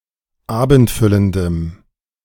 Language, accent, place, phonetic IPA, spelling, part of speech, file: German, Germany, Berlin, [ˈaːbn̩tˌfʏləndəm], abendfüllendem, adjective, De-abendfüllendem.ogg
- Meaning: strong dative masculine/neuter singular of abendfüllend